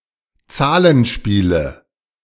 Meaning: 1. nominative/accusative/genitive plural of Zahlenspiel 2. dative of Zahlenspiel
- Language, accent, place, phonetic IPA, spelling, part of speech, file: German, Germany, Berlin, [ˈt͡saːlənˌʃpiːlə], Zahlenspiele, noun, De-Zahlenspiele.ogg